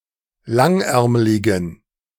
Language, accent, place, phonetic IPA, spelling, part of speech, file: German, Germany, Berlin, [ˈlaŋˌʔɛʁmlɪɡn̩], langärmligen, adjective, De-langärmligen.ogg
- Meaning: inflection of langärmlig: 1. strong genitive masculine/neuter singular 2. weak/mixed genitive/dative all-gender singular 3. strong/weak/mixed accusative masculine singular 4. strong dative plural